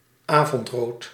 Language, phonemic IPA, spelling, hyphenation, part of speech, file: Dutch, /ˈaː.vɔntˌroːt/, avondrood, avond‧rood, noun, Nl-avondrood.ogg
- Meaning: afterglow (red sky after sunset)